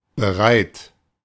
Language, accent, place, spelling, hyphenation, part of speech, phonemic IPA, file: German, Germany, Berlin, bereit, be‧reit, adjective, /bəˈʁaɪ̯t/, De-bereit.ogg
- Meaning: ready